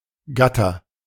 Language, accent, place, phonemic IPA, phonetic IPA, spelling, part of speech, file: German, Germany, Berlin, /ˈɡatər/, [ˈɡä.tʰɐ], Gatter, noun, De-Gatter.ogg
- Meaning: 1. gate 2. grating 3. fence